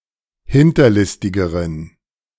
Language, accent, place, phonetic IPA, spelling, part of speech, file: German, Germany, Berlin, [ˈhɪntɐˌlɪstɪɡəʁən], hinterlistigeren, adjective, De-hinterlistigeren.ogg
- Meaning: inflection of hinterlistig: 1. strong genitive masculine/neuter singular comparative degree 2. weak/mixed genitive/dative all-gender singular comparative degree